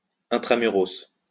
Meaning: post-1990 spelling of intra-muros
- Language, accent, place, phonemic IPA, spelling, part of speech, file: French, France, Lyon, /ɛ̃.tʁa.my.ʁɔs/, intramuros, adjective, LL-Q150 (fra)-intramuros.wav